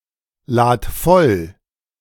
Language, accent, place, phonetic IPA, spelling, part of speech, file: German, Germany, Berlin, [ˌlaːt ˈfɔl], lad voll, verb, De-lad voll.ogg
- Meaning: singular imperative of vollladen